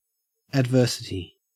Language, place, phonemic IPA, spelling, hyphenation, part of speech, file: English, Queensland, /ædˈvɜː.sɪ.ti/, adversity, ad‧ver‧si‧ty, noun, En-au-adversity.ogg
- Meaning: 1. The state of adverse conditions; state of misfortune or calamity 2. An event that is adverse; calamity